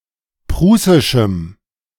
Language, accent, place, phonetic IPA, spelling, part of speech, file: German, Germany, Berlin, [ˈpʁuːsɪʃm̩], prußischem, adjective, De-prußischem.ogg
- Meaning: strong dative masculine/neuter singular of prußisch